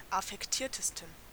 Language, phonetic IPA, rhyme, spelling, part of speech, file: German, [afɛkˈtiːɐ̯təstn̩], -iːɐ̯təstn̩, affektiertesten, adjective, De-affektiertesten.ogg
- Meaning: 1. superlative degree of affektiert 2. inflection of affektiert: strong genitive masculine/neuter singular superlative degree